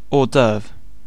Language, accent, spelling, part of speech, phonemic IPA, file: English, UK, hors d'oeuvre, noun, /ˌɔːˈdɜːv/, En-uk-hors d'oeuvre.ogg
- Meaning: 1. A small, light, and usually savory first course in a meal 2. Anything preliminary and of secondary concern 3. Something unusual or extraordinary